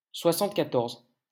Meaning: seventy-four
- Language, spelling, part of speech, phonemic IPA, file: French, soixante-quatorze, numeral, /swa.sɑ̃t.ka.tɔʁz/, LL-Q150 (fra)-soixante-quatorze.wav